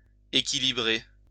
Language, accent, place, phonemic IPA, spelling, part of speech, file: French, France, Lyon, /e.ki.li.bʁe/, équilibrer, verb, LL-Q150 (fra)-équilibrer.wav
- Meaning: 1. to balance, make balanced, to equilibrize 2. to counterbalance